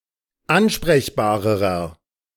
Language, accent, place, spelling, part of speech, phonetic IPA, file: German, Germany, Berlin, ansprechbarerer, adjective, [ˈanʃpʁɛçbaːʁəʁɐ], De-ansprechbarerer.ogg
- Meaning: inflection of ansprechbar: 1. strong/mixed nominative masculine singular comparative degree 2. strong genitive/dative feminine singular comparative degree 3. strong genitive plural comparative degree